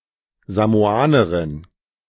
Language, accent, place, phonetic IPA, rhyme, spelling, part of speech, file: German, Germany, Berlin, [zamoˈaːnəʁɪn], -aːnəʁɪn, Samoanerin, noun, De-Samoanerin.ogg
- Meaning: female Samoan